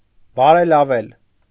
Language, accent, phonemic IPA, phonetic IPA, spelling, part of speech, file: Armenian, Eastern Armenian, /bɑɾelɑˈvel/, [bɑɾelɑvél], բարելավել, verb, Hy-բարելավել.ogg
- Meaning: to improve